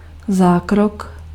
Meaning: surgery (a procedure involving major incisions to remove, repair, or replace a part of a body), operation
- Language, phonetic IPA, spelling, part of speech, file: Czech, [ˈzaːkrok], zákrok, noun, Cs-zákrok.ogg